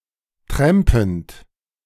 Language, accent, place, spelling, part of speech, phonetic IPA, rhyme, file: German, Germany, Berlin, trampend, verb, [ˈtʁɛmpn̩t], -ɛmpn̩t, De-trampend.ogg
- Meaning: present participle of trampen